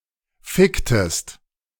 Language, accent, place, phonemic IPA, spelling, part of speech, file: German, Germany, Berlin, /ˈfɪktəst/, ficktest, verb, De-ficktest.ogg
- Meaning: inflection of ficken: 1. second-person singular preterite 2. second-person singular subjunctive II